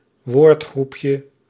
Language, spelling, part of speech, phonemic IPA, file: Dutch, woordgroepje, noun, /ˈwortxrupjə/, Nl-woordgroepje.ogg
- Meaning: diminutive of woordgroep